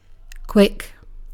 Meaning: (adjective) 1. Moving with speed, rapidity or swiftness, or capable of doing so; rapid; fast 2. Occurring in a short time; happening or done rapidly 3. Lively, fast-thinking, witty, intelligent
- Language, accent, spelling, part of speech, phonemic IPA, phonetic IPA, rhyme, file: English, UK, quick, adjective / adverb / noun / verb, /kwɪk/, [kʰw̥ɪk], -ɪk, En-uk-quick.ogg